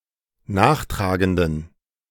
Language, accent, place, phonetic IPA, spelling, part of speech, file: German, Germany, Berlin, [ˈnaːxˌtʁaːɡəndn̩], nachtragenden, adjective, De-nachtragenden.ogg
- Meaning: inflection of nachtragend: 1. strong genitive masculine/neuter singular 2. weak/mixed genitive/dative all-gender singular 3. strong/weak/mixed accusative masculine singular 4. strong dative plural